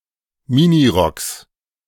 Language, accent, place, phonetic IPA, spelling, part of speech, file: German, Germany, Berlin, [ˈmɪniˌʁɔks], Minirocks, noun, De-Minirocks.ogg
- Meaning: genitive singular of Minirock